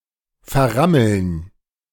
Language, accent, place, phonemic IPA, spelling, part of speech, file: German, Germany, Berlin, /fɛɐ̯ˈʁaml̩n/, verrammeln, verb, De-verrammeln.ogg
- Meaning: to barricade, to block up, to blockade